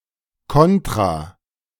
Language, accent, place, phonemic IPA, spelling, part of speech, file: German, Germany, Berlin, /ˈkɔntʁa/, Kontra, noun, De-Kontra.ogg
- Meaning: 1. double 2. con (disadvantage)